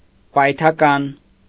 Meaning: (adjective) plosive; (noun) plosive, stop
- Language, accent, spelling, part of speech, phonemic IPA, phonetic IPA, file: Armenian, Eastern Armenian, պայթական, adjective / noun, /pɑjtʰɑˈkɑn/, [pɑjtʰɑkɑ́n], Hy-պայթական.ogg